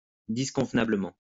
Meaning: inappropriately
- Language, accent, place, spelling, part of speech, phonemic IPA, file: French, France, Lyon, disconvenablement, adverb, /dis.kɔ̃v.na.blə.mɑ̃/, LL-Q150 (fra)-disconvenablement.wav